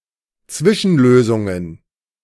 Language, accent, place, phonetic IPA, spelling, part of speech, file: German, Germany, Berlin, [ˈt͡svɪʃn̩ˌløːzʊŋən], Zwischenlösungen, noun, De-Zwischenlösungen.ogg
- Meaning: plural of Zwischenlösung